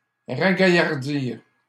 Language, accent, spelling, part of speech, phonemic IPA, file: French, Canada, ragaillardir, verb, /ʁa.ɡa.jaʁ.diʁ/, LL-Q150 (fra)-ragaillardir.wav
- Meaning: to cheer up